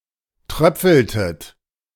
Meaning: inflection of tröpfeln: 1. second-person plural preterite 2. second-person plural subjunctive II
- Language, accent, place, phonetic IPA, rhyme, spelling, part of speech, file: German, Germany, Berlin, [ˈtʁœp͡fl̩tət], -œp͡fl̩tət, tröpfeltet, verb, De-tröpfeltet.ogg